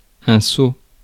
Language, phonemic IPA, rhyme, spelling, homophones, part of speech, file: French, /so/, -so, saut, sauts / sceau / sceaux / seau / sot, noun, Fr-saut.ogg
- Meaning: 1. jump 2. vault: ellipsis of saut de cheval 3. rapids (fast section of a river or stream)